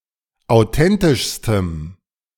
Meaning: strong dative masculine/neuter singular superlative degree of authentisch
- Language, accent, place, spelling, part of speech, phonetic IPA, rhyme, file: German, Germany, Berlin, authentischstem, adjective, [aʊ̯ˈtɛntɪʃstəm], -ɛntɪʃstəm, De-authentischstem.ogg